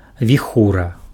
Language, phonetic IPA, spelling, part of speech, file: Belarusian, [vʲiˈxura], віхура, noun, Be-віхура.ogg
- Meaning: whirlwind; snowstorm; blizzard